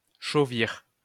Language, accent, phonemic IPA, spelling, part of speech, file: French, France, /ʃo.viʁ/, chauvir, verb, LL-Q150 (fra)-chauvir.wav
- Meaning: to perk up, to rise up (said of the ears of certain equine animals like donkeys)